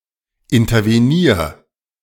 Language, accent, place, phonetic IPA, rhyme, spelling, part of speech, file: German, Germany, Berlin, [ɪntɐveˈniːɐ̯], -iːɐ̯, intervenier, verb, De-intervenier.ogg
- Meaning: 1. singular imperative of intervenieren 2. first-person singular present of intervenieren